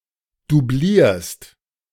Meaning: second-person singular present of doublieren
- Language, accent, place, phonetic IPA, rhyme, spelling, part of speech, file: German, Germany, Berlin, [duˈbliːɐ̯st], -iːɐ̯st, doublierst, verb, De-doublierst.ogg